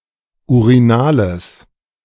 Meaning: strong/mixed nominative/accusative neuter singular of urinal
- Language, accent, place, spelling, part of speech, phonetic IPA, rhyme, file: German, Germany, Berlin, urinales, adjective, [uʁiˈnaːləs], -aːləs, De-urinales.ogg